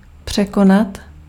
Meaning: 1. to overcome, to surmount 2. to excel, to outdo, to surpass
- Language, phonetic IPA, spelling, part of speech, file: Czech, [ˈpr̝̊ɛkonat], překonat, verb, Cs-překonat.ogg